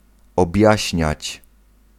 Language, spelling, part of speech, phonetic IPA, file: Polish, objaśniać, verb, [ɔbʲˈjäɕɲät͡ɕ], Pl-objaśniać.ogg